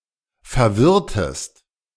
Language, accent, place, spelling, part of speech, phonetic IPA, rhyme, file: German, Germany, Berlin, verwirrtest, verb, [fɛɐ̯ˈvɪʁtəst], -ɪʁtəst, De-verwirrtest.ogg
- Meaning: inflection of verwirren: 1. second-person singular preterite 2. second-person singular subjunctive II